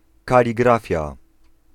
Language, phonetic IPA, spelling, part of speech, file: Polish, [ˌkalʲiˈɡrafʲja], kaligrafia, noun, Pl-kaligrafia.ogg